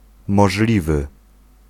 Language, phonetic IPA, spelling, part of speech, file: Polish, [mɔʒˈlʲivɨ], możliwy, adjective, Pl-możliwy.ogg